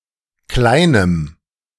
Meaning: strong dative masculine/neuter singular of klein
- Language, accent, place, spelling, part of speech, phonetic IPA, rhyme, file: German, Germany, Berlin, kleinem, adjective, [ˈklaɪ̯nəm], -aɪ̯nəm, De-kleinem.ogg